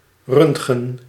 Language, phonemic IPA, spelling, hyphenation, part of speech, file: Dutch, /ˈrʏnt.ɣə(n)/, röntgen, rönt‧gen, noun, Nl-röntgen.ogg
- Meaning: röntgen